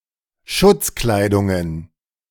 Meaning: plural of Schutzkleidung
- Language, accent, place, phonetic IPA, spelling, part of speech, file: German, Germany, Berlin, [ˈʃʊt͡sˌklaɪ̯dʊŋən], Schutzkleidungen, noun, De-Schutzkleidungen.ogg